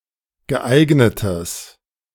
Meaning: strong/mixed nominative/accusative neuter singular of geeignet
- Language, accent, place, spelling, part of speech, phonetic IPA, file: German, Germany, Berlin, geeignetes, adjective, [ɡəˈʔaɪ̯ɡnətəs], De-geeignetes.ogg